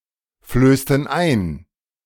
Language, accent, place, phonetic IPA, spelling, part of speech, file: German, Germany, Berlin, [ˌfløːstn̩ ˈaɪ̯n], flößten ein, verb, De-flößten ein.ogg
- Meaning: inflection of einflößen: 1. first/third-person plural preterite 2. first/third-person plural subjunctive II